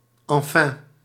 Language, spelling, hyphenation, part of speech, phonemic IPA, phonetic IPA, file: Dutch, enfin, en‧fin, adverb, /ɑnˈfɛn/, [ɑ̃ˈfɛ̃], Nl-enfin.ogg
- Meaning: finally; “in the end”; implies that a summary of something will follow